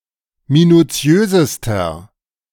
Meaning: inflection of minutiös: 1. strong/mixed nominative masculine singular superlative degree 2. strong genitive/dative feminine singular superlative degree 3. strong genitive plural superlative degree
- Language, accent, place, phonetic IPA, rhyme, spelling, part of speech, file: German, Germany, Berlin, [minuˈt͡si̯øːzəstɐ], -øːzəstɐ, minutiösester, adjective, De-minutiösester.ogg